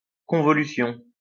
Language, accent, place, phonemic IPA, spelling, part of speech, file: French, France, Lyon, /kɔ̃.vɔ.ly.sjɔ̃/, convolution, noun, LL-Q150 (fra)-convolution.wav
- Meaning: convolution